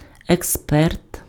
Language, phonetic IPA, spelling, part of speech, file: Ukrainian, [ekˈspɛrt], експерт, noun, Uk-експерт.ogg
- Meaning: expert